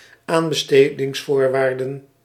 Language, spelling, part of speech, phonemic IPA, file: Dutch, aanbestedingsvoorwaarden, noun, /ˈambəstediŋsˌvorwardə(n)/, Nl-aanbestedingsvoorwaarden.ogg
- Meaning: plural of aanbestedingsvoorwaarde